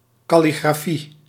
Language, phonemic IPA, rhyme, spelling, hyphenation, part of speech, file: Dutch, /ˌkɑ.li.ɡraːˈfi/, -i, kalligrafie, kal‧li‧gra‧fie, noun, Nl-kalligrafie.ogg
- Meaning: calligraphy